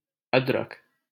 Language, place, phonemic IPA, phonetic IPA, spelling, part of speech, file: Hindi, Delhi, /əd̪.ɾək/, [ɐd̪.ɾɐk], अदरक, noun, LL-Q1568 (hin)-अदरक.wav
- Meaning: ginger